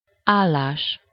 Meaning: 1. verbal noun of áll: standing (not sitting), inactivity, stopping 2. state, condition, situation 3. job, position 4. score
- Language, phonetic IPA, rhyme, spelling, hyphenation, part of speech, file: Hungarian, [ˈaːlːaːʃ], -aːʃ, állás, ál‧lás, noun, Hu-állás.ogg